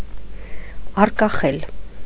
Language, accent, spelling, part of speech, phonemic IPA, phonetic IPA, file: Armenian, Eastern Armenian, առկախել, verb, /ɑrkɑˈχel/, [ɑrkɑχél], Hy-առկախել.ogg
- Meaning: to hang, to dangle